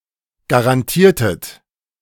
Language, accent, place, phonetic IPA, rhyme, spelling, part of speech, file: German, Germany, Berlin, [ɡaʁanˈtiːɐ̯tət], -iːɐ̯tət, garantiertet, verb, De-garantiertet.ogg
- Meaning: inflection of garantieren: 1. second-person plural preterite 2. second-person plural subjunctive II